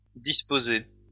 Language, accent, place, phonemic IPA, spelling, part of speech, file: French, France, Lyon, /dis.po.ze/, disposez, verb, LL-Q150 (fra)-disposez.wav
- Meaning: inflection of disposer: 1. second-person plural present indicative 2. second-person plural imperative